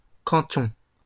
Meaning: 1. canton (of Switzerland, France, Luxembourg or Bosnia-Herzegovina) 2. township (of Canada) 3. canton
- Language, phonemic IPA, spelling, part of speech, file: French, /kɑ̃.tɔ̃/, canton, noun, LL-Q150 (fra)-canton.wav